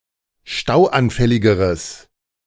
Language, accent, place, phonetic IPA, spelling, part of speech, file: German, Germany, Berlin, [ˈʃtaʊ̯ʔanˌfɛlɪɡəʁəs], stauanfälligeres, adjective, De-stauanfälligeres.ogg
- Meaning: strong/mixed nominative/accusative neuter singular comparative degree of stauanfällig